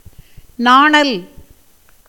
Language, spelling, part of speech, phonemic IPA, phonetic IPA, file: Tamil, நாணல், noun, /nɑːɳɐl/, [näːɳɐl], Ta-நாணல்.ogg
- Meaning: bulrush